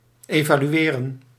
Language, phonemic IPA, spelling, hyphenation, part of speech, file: Dutch, /ˌeː.vaː.lyˈeː.rə(n)/, evalueren, eva‧lu‧e‧ren, verb, Nl-evalueren.ogg
- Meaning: to assess, to evaluate